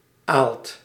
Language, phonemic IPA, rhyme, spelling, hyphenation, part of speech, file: Dutch, /aːlt/, -aːlt, aalt, aalt, noun, Nl-aalt.ogg
- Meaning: liquid excrements of animals, liquid manure, slurry